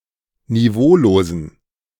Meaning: inflection of niveaulos: 1. strong genitive masculine/neuter singular 2. weak/mixed genitive/dative all-gender singular 3. strong/weak/mixed accusative masculine singular 4. strong dative plural
- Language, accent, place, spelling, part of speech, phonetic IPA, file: German, Germany, Berlin, niveaulosen, adjective, [niˈvoːloːzn̩], De-niveaulosen.ogg